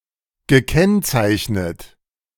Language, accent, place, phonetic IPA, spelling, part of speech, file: German, Germany, Berlin, [ɡəˈkɛnt͡saɪ̯çnət], gekennzeichnet, verb, De-gekennzeichnet.ogg
- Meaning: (verb) past participle of kennzeichnen; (adjective) marked, denoted, characterized